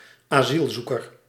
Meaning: asylum seeker
- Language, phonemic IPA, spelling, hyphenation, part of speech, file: Dutch, /aːˈzilˌzu.kər/, asielzoeker, asiel‧zoe‧ker, noun, Nl-asielzoeker.ogg